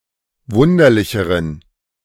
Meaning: inflection of wunderlich: 1. strong genitive masculine/neuter singular comparative degree 2. weak/mixed genitive/dative all-gender singular comparative degree
- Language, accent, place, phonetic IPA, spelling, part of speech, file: German, Germany, Berlin, [ˈvʊndɐlɪçəʁən], wunderlicheren, adjective, De-wunderlicheren.ogg